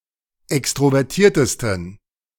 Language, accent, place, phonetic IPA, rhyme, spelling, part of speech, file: German, Germany, Berlin, [ˌɛkstʁovɛʁˈtiːɐ̯təstn̩], -iːɐ̯təstn̩, extrovertiertesten, adjective, De-extrovertiertesten.ogg
- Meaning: 1. superlative degree of extrovertiert 2. inflection of extrovertiert: strong genitive masculine/neuter singular superlative degree